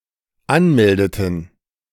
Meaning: inflection of anmelden: 1. first/third-person plural dependent preterite 2. first/third-person plural dependent subjunctive II
- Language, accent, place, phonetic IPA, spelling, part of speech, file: German, Germany, Berlin, [ˈanˌmɛldətn̩], anmeldeten, verb, De-anmeldeten.ogg